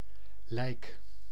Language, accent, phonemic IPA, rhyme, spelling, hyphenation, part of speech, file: Dutch, Netherlands, /lɛi̯k/, -ɛi̯k, lijk, lijk, noun / adverb / verb, Nl-lijk.ogg
- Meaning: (noun) 1. the dead but otherwise (mostly) intact body, particularly of a human but sometimes used of animals 2. leech; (adverb) like